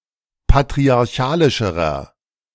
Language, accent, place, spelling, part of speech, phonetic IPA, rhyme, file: German, Germany, Berlin, patriarchalischerer, adjective, [patʁiaʁˈçaːlɪʃəʁɐ], -aːlɪʃəʁɐ, De-patriarchalischerer.ogg
- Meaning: inflection of patriarchalisch: 1. strong/mixed nominative masculine singular comparative degree 2. strong genitive/dative feminine singular comparative degree